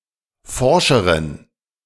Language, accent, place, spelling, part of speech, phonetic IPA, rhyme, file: German, Germany, Berlin, forscheren, adjective, [ˈfɔʁʃəʁən], -ɔʁʃəʁən, De-forscheren.ogg
- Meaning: inflection of forsch: 1. strong genitive masculine/neuter singular comparative degree 2. weak/mixed genitive/dative all-gender singular comparative degree